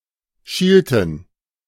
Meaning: inflection of schielen: 1. first/third-person plural preterite 2. first/third-person plural subjunctive II
- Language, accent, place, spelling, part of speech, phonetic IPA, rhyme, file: German, Germany, Berlin, schielten, verb, [ˈʃiːltn̩], -iːltn̩, De-schielten.ogg